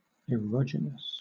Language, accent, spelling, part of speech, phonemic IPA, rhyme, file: English, Southern England, erogenous, adjective, /əˈɹɒd͡ʒɪnəs/, -ɒd͡ʒɪnəs, LL-Q1860 (eng)-erogenous.wav
- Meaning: 1. Sensitive to sexual arousal 2. Causing sexual arousal; erotogenic